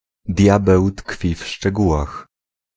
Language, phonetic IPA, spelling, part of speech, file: Polish, [ˈdʲjabɛw ˈtkfʲi f‿ʃt͡ʃɛˈɡuwax], diabeł tkwi w szczegółach, proverb, Pl-diabeł tkwi w szczegółach.ogg